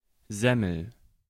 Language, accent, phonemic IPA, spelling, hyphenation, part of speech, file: German, Germany, /ˈzɛməl/, Semmel, Sem‧mel, noun, De-Semmel.ogg
- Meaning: bread roll